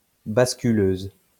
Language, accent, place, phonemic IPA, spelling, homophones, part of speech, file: French, France, Lyon, /bas.ky.løz/, basculeuse, basculeuses, adjective, LL-Q150 (fra)-basculeuse.wav
- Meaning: feminine singular of basculeur